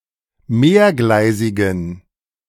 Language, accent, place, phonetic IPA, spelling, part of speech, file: German, Germany, Berlin, [ˈmeːɐ̯ˌɡlaɪ̯zɪɡn̩], mehrgleisigen, adjective, De-mehrgleisigen.ogg
- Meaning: inflection of mehrgleisig: 1. strong genitive masculine/neuter singular 2. weak/mixed genitive/dative all-gender singular 3. strong/weak/mixed accusative masculine singular 4. strong dative plural